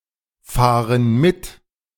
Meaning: inflection of mitfahren: 1. first/third-person plural present 2. first/third-person plural subjunctive I
- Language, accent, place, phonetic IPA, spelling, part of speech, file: German, Germany, Berlin, [ˌfaːʁən ˈmɪt], fahren mit, verb, De-fahren mit.ogg